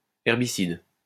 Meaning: herbicide
- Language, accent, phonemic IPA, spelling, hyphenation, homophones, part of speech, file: French, France, /ɛʁ.bi.sid/, herbicide, her‧bi‧cide, herbicides, noun, LL-Q150 (fra)-herbicide.wav